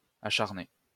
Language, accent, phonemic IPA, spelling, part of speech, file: French, France, /a.ʃaʁ.ne/, acharné, adjective / verb, LL-Q150 (fra)-acharné.wav
- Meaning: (adjective) fierce; relentless; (verb) past participle of acharner